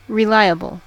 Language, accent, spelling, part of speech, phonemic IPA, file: English, US, reliable, adjective / noun, /ɹɪˈlaɪəbl̩/, En-us-reliable.ogg
- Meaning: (adjective) Suitable or fit to be relied on; worthy of dependence, reliance or trust; dependable, trustworthy